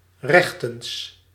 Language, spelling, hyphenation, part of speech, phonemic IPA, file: Dutch, rechtens, rech‧tens, adverb, /ˈrɛx.təns/, Nl-rechtens.ogg
- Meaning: by right, according to law